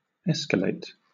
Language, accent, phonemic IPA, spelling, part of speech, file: English, Southern England, /ˈɛs.kə.leɪt/, escalate, verb, LL-Q1860 (eng)-escalate.wav
- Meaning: 1. To increase (something) in extent or intensity; to intensify or step up 2. In technical support, to transfer a customer, a problem, etc. to the next higher level of authority 3. To climb